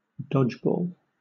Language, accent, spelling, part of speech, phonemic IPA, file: English, Southern England, dodgeball, noun, /ˈdɒd͡ʒˌbɔl/, LL-Q1860 (eng)-dodgeball.wav
- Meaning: 1. A team sport whose main objective is to dodge or catch balls thrown by the opposition 2. The ball thrown in this sport